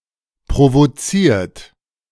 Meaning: 1. past participle of provozieren 2. inflection of provozieren: third-person singular present 3. inflection of provozieren: second-person plural present 4. inflection of provozieren: plural imperative
- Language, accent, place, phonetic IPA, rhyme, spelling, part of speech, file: German, Germany, Berlin, [pʁovoˈt͡siːɐ̯t], -iːɐ̯t, provoziert, verb, De-provoziert.ogg